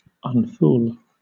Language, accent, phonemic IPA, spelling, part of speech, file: English, Southern England, /ʌnˈfuːl/, unfool, verb, LL-Q1860 (eng)-unfool.wav
- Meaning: To restore from folly, from being a fool, or from being foolish